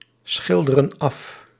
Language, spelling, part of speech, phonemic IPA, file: Dutch, schilderen af, verb, /ˈsxɪldərə(n) ˈɑf/, Nl-schilderen af.ogg
- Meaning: inflection of afschilderen: 1. plural present indicative 2. plural present subjunctive